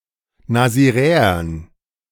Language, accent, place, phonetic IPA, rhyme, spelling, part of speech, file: German, Germany, Berlin, [naziˈʁɛːɐn], -ɛːɐn, Nasiräern, noun, De-Nasiräern.ogg
- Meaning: dative plural of Nasiräer